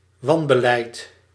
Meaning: misgovernance
- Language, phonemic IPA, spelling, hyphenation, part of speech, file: Dutch, /ˈʋɑn.bəˌlɛi̯t/, wanbeleid, wan‧be‧leid, noun, Nl-wanbeleid.ogg